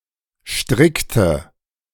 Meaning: inflection of stricken: 1. first/third-person singular preterite 2. first/third-person singular subjunctive II
- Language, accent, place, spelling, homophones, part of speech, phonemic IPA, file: German, Germany, Berlin, strickte, strikte, verb, /ˈʃtʁɪktə/, De-strickte.ogg